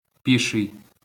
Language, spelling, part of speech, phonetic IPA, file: Ukrainian, піший, adjective, [ˈpʲiʃei̯], LL-Q8798 (ukr)-піший.wav
- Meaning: 1. foot (attributive), pedestrian (of or for people who walk) 2. unmounted (without a horse)